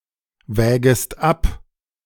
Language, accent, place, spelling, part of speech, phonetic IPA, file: German, Germany, Berlin, wägest ab, verb, [ˌvɛːɡəst ˈap], De-wägest ab.ogg
- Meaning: second-person singular subjunctive I of abwägen